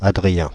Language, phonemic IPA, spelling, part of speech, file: French, /a.dʁi.jɛ̃/, Adrien, proper noun, Fr-Adrien.ogg
- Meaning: a male given name, equivalent to English Adrian